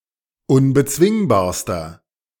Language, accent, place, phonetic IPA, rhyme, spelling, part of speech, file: German, Germany, Berlin, [ʊnbəˈt͡svɪŋbaːɐ̯stɐ], -ɪŋbaːɐ̯stɐ, unbezwingbarster, adjective, De-unbezwingbarster.ogg
- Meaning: inflection of unbezwingbar: 1. strong/mixed nominative masculine singular superlative degree 2. strong genitive/dative feminine singular superlative degree 3. strong genitive plural superlative degree